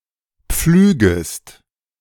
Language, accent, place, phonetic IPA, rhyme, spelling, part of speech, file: German, Germany, Berlin, [ˈp͡flyːɡəst], -yːɡəst, pflügest, verb, De-pflügest.ogg
- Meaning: second-person singular subjunctive I of pflügen